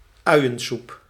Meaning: onion soup
- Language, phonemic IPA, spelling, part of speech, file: Dutch, /œyjəsup/, uiensoep, noun, Nl-uiensoep.ogg